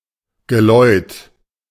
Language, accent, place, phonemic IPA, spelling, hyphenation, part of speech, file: German, Germany, Berlin, /ɡəˈlɔɪ̯t/, Geläut, Ge‧läut, noun, De-Geläut.ogg
- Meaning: peal (of bells)